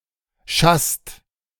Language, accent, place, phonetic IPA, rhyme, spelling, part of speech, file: German, Germany, Berlin, [ʃast], -ast, schasst, verb, De-schasst.ogg
- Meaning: inflection of schassen: 1. second/third-person singular present 2. second-person plural present 3. plural imperative